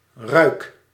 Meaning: inflection of ruiken: 1. first-person singular present indicative 2. second-person singular present indicative 3. imperative
- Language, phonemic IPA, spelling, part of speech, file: Dutch, /rœy̯k/, ruik, verb, Nl-ruik.ogg